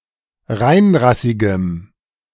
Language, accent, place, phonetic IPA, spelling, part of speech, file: German, Germany, Berlin, [ˈʁaɪ̯nˌʁasɪɡəm], reinrassigem, adjective, De-reinrassigem.ogg
- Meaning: strong dative masculine/neuter singular of reinrassig